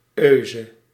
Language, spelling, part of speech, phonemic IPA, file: Dutch, -euse, suffix, /øːzə/, Nl--euse.ogg
- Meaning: the female form of -eur